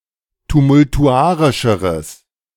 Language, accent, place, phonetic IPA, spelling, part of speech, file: German, Germany, Berlin, [tumʊltuˈʔaʁɪʃəʁəs], tumultuarischeres, adjective, De-tumultuarischeres.ogg
- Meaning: strong/mixed nominative/accusative neuter singular comparative degree of tumultuarisch